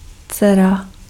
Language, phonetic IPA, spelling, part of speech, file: Czech, [ˈt͡sɛra], dcera, noun, Cs-dcera.ogg
- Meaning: daughter